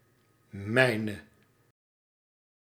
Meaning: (pronoun) non-attributive form of mijn; mine; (determiner) 1. nominative/accusative feminine singular attributive of mijn 2. nominative/accusative plural attributive of mijn
- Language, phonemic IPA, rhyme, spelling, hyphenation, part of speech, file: Dutch, /ˈmɛi̯.nə/, -ɛi̯nə, mijne, mij‧ne, pronoun / determiner, Nl-mijne.ogg